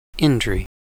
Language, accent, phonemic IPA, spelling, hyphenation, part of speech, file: English, General American, /ˈɪndɹi/, indri, in‧dri, noun, En-us-indri.ogg
- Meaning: One of the largest living lemurs (Indri indri), native to Madagascar